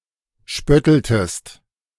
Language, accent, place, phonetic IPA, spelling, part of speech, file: German, Germany, Berlin, [ˈʃpœtl̩təst], spötteltest, verb, De-spötteltest.ogg
- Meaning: inflection of spötteln: 1. second-person singular preterite 2. second-person singular subjunctive II